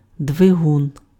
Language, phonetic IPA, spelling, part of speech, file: Ukrainian, [dʋeˈɦun], двигун, noun, Uk-двигун.ogg
- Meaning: engine, motor